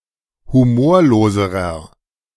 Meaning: inflection of humorlos: 1. strong/mixed nominative masculine singular comparative degree 2. strong genitive/dative feminine singular comparative degree 3. strong genitive plural comparative degree
- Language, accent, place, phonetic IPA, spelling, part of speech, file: German, Germany, Berlin, [huˈmoːɐ̯loːzəʁɐ], humorloserer, adjective, De-humorloserer.ogg